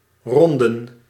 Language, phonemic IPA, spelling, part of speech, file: Dutch, /ˈrɔn.də(n)/, ronden, verb / noun, Nl-ronden.ogg
- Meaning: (verb) 1. to make round 2. to go around; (noun) plural of ronde